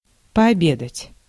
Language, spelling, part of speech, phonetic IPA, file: Russian, пообедать, verb, [pɐɐˈbʲedətʲ], Ru-пообедать.ogg
- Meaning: to eat lunch; to have lunch